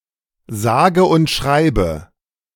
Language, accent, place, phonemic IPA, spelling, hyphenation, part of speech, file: German, Germany, Berlin, /ˈzaːɡə ʊnt ˈʃʁaɪ̯bə/, sage und schreibe, sa‧ge und schrei‧be, adverb, De-sage und schreibe.ogg
- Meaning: a whopping, no less than, believe it or not (emphasizes the scale of a number)